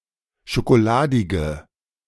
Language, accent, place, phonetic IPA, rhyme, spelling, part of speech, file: German, Germany, Berlin, [ʃokoˈlaːdɪɡə], -aːdɪɡə, schokoladige, adjective, De-schokoladige.ogg
- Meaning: inflection of schokoladig: 1. strong/mixed nominative/accusative feminine singular 2. strong nominative/accusative plural 3. weak nominative all-gender singular